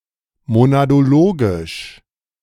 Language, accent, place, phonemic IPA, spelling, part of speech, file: German, Germany, Berlin, /monadoˈloːɡɪʃ/, monadologisch, adjective, De-monadologisch.ogg
- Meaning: monadological